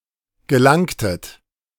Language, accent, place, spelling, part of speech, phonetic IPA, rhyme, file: German, Germany, Berlin, gelangtet, verb, [ɡəˈlaŋtət], -aŋtət, De-gelangtet.ogg
- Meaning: inflection of gelangen: 1. second-person plural preterite 2. second-person plural subjunctive II